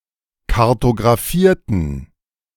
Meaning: inflection of kartografieren: 1. first/third-person plural preterite 2. first/third-person plural subjunctive II
- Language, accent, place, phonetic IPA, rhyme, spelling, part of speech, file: German, Germany, Berlin, [kaʁtoɡʁaˈfiːɐ̯tn̩], -iːɐ̯tn̩, kartografierten, adjective / verb, De-kartografierten.ogg